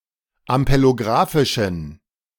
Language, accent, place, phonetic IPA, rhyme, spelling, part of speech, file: German, Germany, Berlin, [ampeloˈɡʁaːfɪʃn̩], -aːfɪʃn̩, ampelografischen, adjective, De-ampelografischen.ogg
- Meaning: inflection of ampelografisch: 1. strong genitive masculine/neuter singular 2. weak/mixed genitive/dative all-gender singular 3. strong/weak/mixed accusative masculine singular 4. strong dative plural